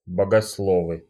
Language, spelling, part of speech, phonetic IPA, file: Russian, богословы, noun, [bəɡɐsˈɫovɨ], Ru-богословы.ogg
- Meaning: nominative plural of богосло́в (bogoslóv)